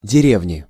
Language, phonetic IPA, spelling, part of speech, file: Russian, [dʲɪˈrʲevnʲɪ], деревни, noun, Ru-деревни.ogg
- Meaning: 1. inflection of дере́вня (derévnja) 2. inflection of дере́вня (derévnja): genitive singular 3. inflection of дере́вня (derévnja): nominative/accusative plural